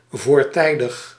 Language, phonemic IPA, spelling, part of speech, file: Dutch, /ˌvoːrˈtɛi̯.dɪx/, voortijdig, adjective, Nl-voortijdig.ogg
- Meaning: untimely, premature